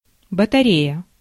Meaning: 1. battery (electric power source consisting of electrochemical cells) 2. battery (group of artillery pieces) 3. battery (an array of similar things) 4. radiator (metal fixture for heating a room)
- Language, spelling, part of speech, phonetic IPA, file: Russian, батарея, noun, [bətɐˈrʲejə], Ru-батарея.ogg